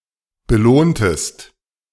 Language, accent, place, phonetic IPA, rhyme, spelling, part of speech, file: German, Germany, Berlin, [bəˈloːntəst], -oːntəst, belohntest, verb, De-belohntest.ogg
- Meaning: inflection of belohnen: 1. second-person singular preterite 2. second-person singular subjunctive II